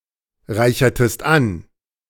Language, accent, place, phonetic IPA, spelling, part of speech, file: German, Germany, Berlin, [ˌʁaɪ̯çɐtəst ˈan], reichertest an, verb, De-reichertest an.ogg
- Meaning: inflection of anreichern: 1. second-person singular preterite 2. second-person singular subjunctive II